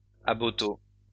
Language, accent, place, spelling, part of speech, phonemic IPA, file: French, France, Lyon, aboteau, noun, /a.bɔ.to/, LL-Q150 (fra)-aboteau.wav
- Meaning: 1. a levee or dam used in the draining of marshes 2. alternative form of aboiteau